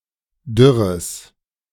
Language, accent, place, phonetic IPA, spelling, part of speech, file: German, Germany, Berlin, [ˈdʏʁəs], dürres, adjective, De-dürres.ogg
- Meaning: strong/mixed nominative/accusative neuter singular of dürr